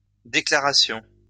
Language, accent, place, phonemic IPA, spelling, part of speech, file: French, France, Lyon, /de.kla.ʁa.sjɔ̃/, déclarations, noun, LL-Q150 (fra)-déclarations.wav
- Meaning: plural of déclaration